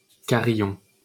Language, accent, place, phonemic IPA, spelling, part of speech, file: French, France, Paris, /ka.ʁi.jɔ̃/, carillon, noun, LL-Q150 (fra)-carillon.wav
- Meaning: carillon (set of bells, often in a bell tower)